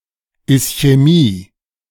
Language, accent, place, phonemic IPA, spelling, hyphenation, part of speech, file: German, Germany, Berlin, /ɪsçɛˈmiː/, Ischämie, Is‧chä‧mie, noun, De-Ischämie.ogg
- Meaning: ischemia